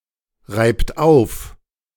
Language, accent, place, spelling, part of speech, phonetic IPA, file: German, Germany, Berlin, reibt auf, verb, [ˌʁaɪ̯pt ˈaʊ̯f], De-reibt auf.ogg
- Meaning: inflection of aufreiben: 1. third-person singular present 2. second-person plural present 3. plural imperative